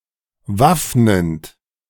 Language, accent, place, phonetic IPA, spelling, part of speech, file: German, Germany, Berlin, [ˈvafnənt], waffnend, verb, De-waffnend.ogg
- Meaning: present participle of waffnen